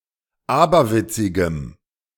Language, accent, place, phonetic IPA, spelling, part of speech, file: German, Germany, Berlin, [ˈaːbɐˌvɪt͡sɪɡəm], aberwitzigem, adjective, De-aberwitzigem.ogg
- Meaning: strong dative masculine/neuter singular of aberwitzig